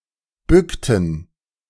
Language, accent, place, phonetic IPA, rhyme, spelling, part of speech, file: German, Germany, Berlin, [ˈbʏktn̩], -ʏktn̩, bückten, verb, De-bückten.ogg
- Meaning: inflection of bücken: 1. first/third-person plural preterite 2. first/third-person plural subjunctive II